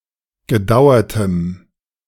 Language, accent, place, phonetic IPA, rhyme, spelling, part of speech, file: German, Germany, Berlin, [ɡəˈdaʊ̯ɐtəm], -aʊ̯ɐtəm, gedauertem, adjective, De-gedauertem.ogg
- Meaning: strong dative masculine/neuter singular of gedauert